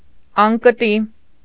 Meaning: carrying pole, shoulder yoke
- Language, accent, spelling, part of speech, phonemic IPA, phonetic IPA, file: Armenian, Eastern Armenian, անկտի, noun, /ɑnkəˈti/, [ɑŋkətí], Hy-անկտի.ogg